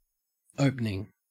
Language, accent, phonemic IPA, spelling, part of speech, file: English, Australia, /ˈəʉp.nɪŋ/, opening, verb / adjective / noun, En-au-opening.ogg
- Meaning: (verb) present participle and gerund of open; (adjective) 1. Pertaining to the start or beginning of a series of events 2. Of the first period of play, usually up to the fall of the first wicket